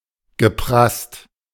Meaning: past participle of prassen
- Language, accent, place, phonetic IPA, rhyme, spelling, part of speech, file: German, Germany, Berlin, [ɡəˈpʁast], -ast, geprasst, verb, De-geprasst.ogg